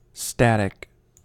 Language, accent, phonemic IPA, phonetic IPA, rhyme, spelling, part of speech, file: English, US, /ˈstæt.ɪk/, [ˈstæɾ.ɪk], -ætɪk, static, adjective / noun, En-us-static.ogg
- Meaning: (adjective) 1. Unchanging; that cannot or does not change 2. Making no progress; stalled, without movement or advancement 3. Immobile; fixed in place; having no motion